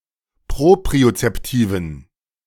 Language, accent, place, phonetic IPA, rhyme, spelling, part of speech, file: German, Germany, Berlin, [ˌpʁopʁiot͡sɛpˈtiːvn̩], -iːvn̩, propriozeptiven, adjective, De-propriozeptiven.ogg
- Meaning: inflection of propriozeptiv: 1. strong genitive masculine/neuter singular 2. weak/mixed genitive/dative all-gender singular 3. strong/weak/mixed accusative masculine singular 4. strong dative plural